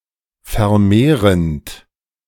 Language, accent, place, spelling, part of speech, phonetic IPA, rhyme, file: German, Germany, Berlin, vermehrend, verb, [fɛɐ̯ˈmeːʁənt], -eːʁənt, De-vermehrend.ogg
- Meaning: present participle of vermehren